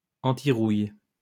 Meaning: antirust
- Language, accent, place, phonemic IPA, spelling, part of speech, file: French, France, Lyon, /ɑ̃.ti.ʁuj/, antirouille, adjective, LL-Q150 (fra)-antirouille.wav